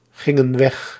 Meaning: inflection of weggaan: 1. plural past indicative 2. plural past subjunctive
- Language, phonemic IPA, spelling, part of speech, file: Dutch, /ˈɣɪŋə(n) ˈwɛx/, gingen weg, verb, Nl-gingen weg.ogg